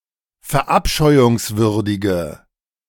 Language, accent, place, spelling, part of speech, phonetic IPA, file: German, Germany, Berlin, verabscheuungswürdige, adjective, [fɛɐ̯ˈʔapʃɔɪ̯ʊŋsvʏʁdɪɡə], De-verabscheuungswürdige.ogg
- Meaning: inflection of verabscheuungswürdig: 1. strong/mixed nominative/accusative feminine singular 2. strong nominative/accusative plural 3. weak nominative all-gender singular